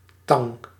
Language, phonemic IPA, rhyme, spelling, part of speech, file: Dutch, /tɑŋ/, -ɑŋ, tang, noun, Nl-tang.ogg
- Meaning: 1. pliers 2. tongs 3. pincers, tweezers 4. shrew, bitch